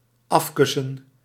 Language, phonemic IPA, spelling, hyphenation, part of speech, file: Dutch, /ˈɑfkʏsə(n)/, afkussen, af‧kus‧sen, verb, Nl-afkussen.ogg
- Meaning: 1. to take away by kissing, to kiss away (e.g. pain, sorrow) 2. to reconcile by kissing